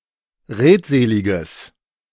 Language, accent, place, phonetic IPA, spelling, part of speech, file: German, Germany, Berlin, [ˈʁeːtˌzeːlɪɡəs], redseliges, adjective, De-redseliges.ogg
- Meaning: strong/mixed nominative/accusative neuter singular of redselig